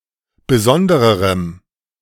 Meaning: strong dative masculine/neuter singular comparative degree of besondere
- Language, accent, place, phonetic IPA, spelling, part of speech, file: German, Germany, Berlin, [bəˈzɔndəʁəʁəm], besondererem, adjective, De-besondererem.ogg